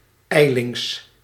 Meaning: hastily
- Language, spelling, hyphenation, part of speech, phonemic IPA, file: Dutch, ijlings, ij‧lings, adverb, /ˈɛi̯.lɪŋs/, Nl-ijlings.ogg